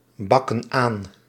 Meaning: inflection of aanbakken: 1. plural present indicative 2. plural present subjunctive
- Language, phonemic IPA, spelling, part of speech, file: Dutch, /ˈbɑkə(n) ˈan/, bakken aan, verb, Nl-bakken aan.ogg